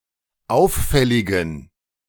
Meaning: inflection of auffällig: 1. strong genitive masculine/neuter singular 2. weak/mixed genitive/dative all-gender singular 3. strong/weak/mixed accusative masculine singular 4. strong dative plural
- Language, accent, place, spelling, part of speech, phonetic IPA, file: German, Germany, Berlin, auffälligen, adjective, [ˈaʊ̯fˌfɛlɪɡn̩], De-auffälligen.ogg